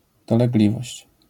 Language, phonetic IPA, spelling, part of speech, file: Polish, [ˌdɔlɛɡˈlʲivɔɕt͡ɕ], dolegliwość, noun, LL-Q809 (pol)-dolegliwość.wav